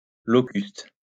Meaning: 1. synonym of épillet 2. locust (Acrididae spp.)
- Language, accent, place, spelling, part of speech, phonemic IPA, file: French, France, Lyon, locuste, noun, /lɔ.kyst/, LL-Q150 (fra)-locuste.wav